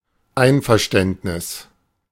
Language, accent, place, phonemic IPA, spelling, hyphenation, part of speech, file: German, Germany, Berlin, /ˈaɪ̯nfɛʁˌʃtɛntnɪs/, Einverständnis, Ein‧ver‧ständ‧nis, noun, De-Einverständnis.ogg
- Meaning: agreement, consent